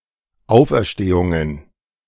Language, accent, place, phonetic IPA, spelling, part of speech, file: German, Germany, Berlin, [ˈaʊ̯fʔɛɐ̯ʃteːʊŋən], Auferstehungen, noun, De-Auferstehungen.ogg
- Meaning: plural of Auferstehung